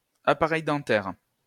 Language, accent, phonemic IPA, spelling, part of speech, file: French, France, /a.pa.ʁɛj dɑ̃.tɛʁ/, appareil dentaire, noun, LL-Q150 (fra)-appareil dentaire.wav
- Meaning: braces (device for straightening the teeth)